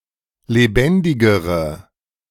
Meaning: inflection of lebendig: 1. strong/mixed nominative/accusative feminine singular comparative degree 2. strong nominative/accusative plural comparative degree
- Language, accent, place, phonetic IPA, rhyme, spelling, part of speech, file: German, Germany, Berlin, [leˈbɛndɪɡəʁə], -ɛndɪɡəʁə, lebendigere, adjective, De-lebendigere.ogg